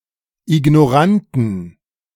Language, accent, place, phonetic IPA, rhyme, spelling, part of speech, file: German, Germany, Berlin, [ɪɡnɔˈʁantn̩], -antn̩, ignoranten, adjective, De-ignoranten.ogg
- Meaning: inflection of ignorant: 1. strong genitive masculine/neuter singular 2. weak/mixed genitive/dative all-gender singular 3. strong/weak/mixed accusative masculine singular 4. strong dative plural